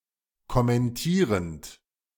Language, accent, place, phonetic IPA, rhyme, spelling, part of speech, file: German, Germany, Berlin, [kɔmɛnˈtiːʁənt], -iːʁənt, kommentierend, verb, De-kommentierend.ogg
- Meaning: present participle of kommentieren